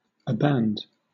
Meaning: 1. To desist in practicing, using, or doing; to renounce 2. To desert; to forsake
- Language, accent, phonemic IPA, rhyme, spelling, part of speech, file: English, Southern England, /əˈbænd/, -ænd, aband, verb, LL-Q1860 (eng)-aband.wav